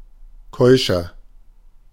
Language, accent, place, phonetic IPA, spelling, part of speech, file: German, Germany, Berlin, [ˈkɔɪ̯ʃɐ], keuscher, adjective, De-keuscher.ogg
- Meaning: 1. comparative degree of keusch 2. inflection of keusch: strong/mixed nominative masculine singular 3. inflection of keusch: strong genitive/dative feminine singular